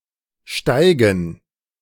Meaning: 1. gerund of steigen 2. dative plural of Steig
- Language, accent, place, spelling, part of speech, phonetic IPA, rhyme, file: German, Germany, Berlin, Steigen, noun, [ˈʃtaɪ̯ɡn̩], -aɪ̯ɡn̩, De-Steigen.ogg